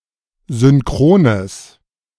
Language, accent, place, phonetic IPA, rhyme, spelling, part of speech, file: German, Germany, Berlin, [zʏnˈkʁoːnəs], -oːnəs, synchrones, adjective, De-synchrones.ogg
- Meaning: strong/mixed nominative/accusative neuter singular of synchron